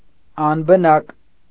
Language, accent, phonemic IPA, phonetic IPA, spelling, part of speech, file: Armenian, Eastern Armenian, /ɑnbəˈnɑk/, [ɑnbənɑ́k], անբնակ, adjective, Hy-անբնակ.ogg
- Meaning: 1. uninhabited, deserted 2. homeless (having no home)